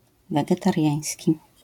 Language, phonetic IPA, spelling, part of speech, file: Polish, [ˌvɛɡɛtarʲˈjä̃j̃sʲci], wegetariański, adjective, LL-Q809 (pol)-wegetariański.wav